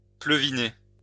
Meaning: to drizzle
- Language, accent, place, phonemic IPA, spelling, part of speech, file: French, France, Lyon, /plø.vi.ne/, pleuviner, verb, LL-Q150 (fra)-pleuviner.wav